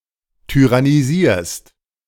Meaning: second-person singular present of tyrannisieren
- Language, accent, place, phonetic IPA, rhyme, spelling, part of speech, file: German, Germany, Berlin, [tyʁaniˈziːɐ̯st], -iːɐ̯st, tyrannisierst, verb, De-tyrannisierst.ogg